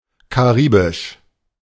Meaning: Caribbean (pertaining to the sea and region bounded by the American continent and the West Indies)
- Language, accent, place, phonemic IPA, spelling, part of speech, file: German, Germany, Berlin, /kaˈʁiːbɪʃ/, karibisch, adjective, De-karibisch.ogg